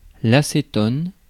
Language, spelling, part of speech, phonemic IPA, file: French, acétone, noun, /a.se.tɔn/, Fr-acétone.ogg
- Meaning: acetone